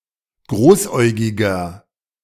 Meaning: 1. comparative degree of großäugig 2. inflection of großäugig: strong/mixed nominative masculine singular 3. inflection of großäugig: strong genitive/dative feminine singular
- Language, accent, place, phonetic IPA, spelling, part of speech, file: German, Germany, Berlin, [ˈɡʁoːsˌʔɔɪ̯ɡɪɡɐ], großäugiger, adjective, De-großäugiger.ogg